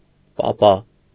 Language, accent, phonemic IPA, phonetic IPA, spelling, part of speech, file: Armenian, Eastern Armenian, /pɑˈpɑ/, [pɑpɑ́], պապա, noun, Hy-պապա.ogg
- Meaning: dad, father